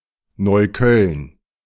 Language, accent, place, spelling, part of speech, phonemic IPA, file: German, Germany, Berlin, Neukölln, proper noun, /ˌnɔɪ̯ˈkœln/, De-Neukölln.ogg
- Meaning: a borough of Berlin, Germany